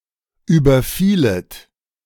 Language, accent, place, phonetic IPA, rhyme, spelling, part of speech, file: German, Germany, Berlin, [ˌyːbɐˈfiːlət], -iːlət, überfielet, verb, De-überfielet.ogg
- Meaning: second-person plural subjunctive II of überfallen